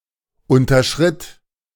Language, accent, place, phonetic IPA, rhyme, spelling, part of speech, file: German, Germany, Berlin, [ˌʊntɐˈʃʁɪt], -ɪt, unterschritt, verb, De-unterschritt.ogg
- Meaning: first/third-person singular preterite of unterschreiten